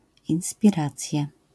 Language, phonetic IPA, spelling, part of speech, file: Polish, [ˌĩw̃spʲiˈrat͡sʲja], inspiracja, noun, LL-Q809 (pol)-inspiracja.wav